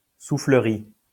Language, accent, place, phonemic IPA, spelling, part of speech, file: French, France, Lyon, /su.flə.ʁi/, soufflerie, noun, LL-Q150 (fra)-soufflerie.wav
- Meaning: 1. wind tunnel 2. the bellows and other machinery that pumps air into an organ 3. bellows 4. any apparatus that generates a stream of air